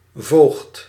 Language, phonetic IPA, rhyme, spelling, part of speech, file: Dutch, [voːxt], -oːxt, voogd, noun, Nl-voogd.ogg
- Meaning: guardian (law: person legally responsible for a minor in loco parentis)